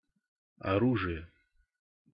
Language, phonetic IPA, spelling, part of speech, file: Russian, [ɐˈruʐɨjə], оружия, noun, Ru-оружия.ogg
- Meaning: inflection of ору́жие (orúžije): 1. genitive singular 2. nominative/accusative plural